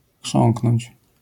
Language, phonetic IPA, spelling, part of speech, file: Polish, [ˈxʃɔ̃ŋknɔ̃ɲt͡ɕ], chrząknąć, verb, LL-Q809 (pol)-chrząknąć.wav